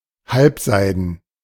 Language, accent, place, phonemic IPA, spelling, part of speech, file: German, Germany, Berlin, /ˈhalpˌzaɪ̯dn̩/, halbseiden, adjective, De-halbseiden.ogg
- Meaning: 1. partially silken 2. doubtful, questionable, iffy, shady, seedy 3. homosexual